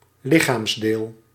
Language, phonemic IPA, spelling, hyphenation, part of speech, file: Dutch, /ˈlɪ.xaːmsˌdeːl/, lichaamsdeel, li‧chaams‧deel, noun, Nl-lichaamsdeel.ogg
- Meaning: body part